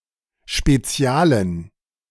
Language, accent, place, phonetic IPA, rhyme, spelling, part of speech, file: German, Germany, Berlin, [ʃpeˈt͡si̯aːlən], -aːlən, spezialen, adjective, De-spezialen.ogg
- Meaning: inflection of spezial: 1. strong genitive masculine/neuter singular 2. weak/mixed genitive/dative all-gender singular 3. strong/weak/mixed accusative masculine singular 4. strong dative plural